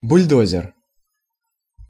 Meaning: bulldozer
- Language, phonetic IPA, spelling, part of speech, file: Russian, [bʊlʲˈdozʲɪr], бульдозер, noun, Ru-бульдозер.ogg